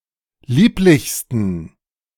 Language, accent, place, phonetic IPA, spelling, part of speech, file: German, Germany, Berlin, [ˈliːplɪçstn̩], lieblichsten, adjective, De-lieblichsten.ogg
- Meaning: 1. superlative degree of lieblich 2. inflection of lieblich: strong genitive masculine/neuter singular superlative degree